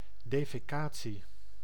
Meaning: defecation
- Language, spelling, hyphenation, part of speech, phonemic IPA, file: Dutch, defecatie, de‧fe‧ca‧tie, noun, /ˌdeː.feːˈkaː.(t)si/, Nl-defecatie.ogg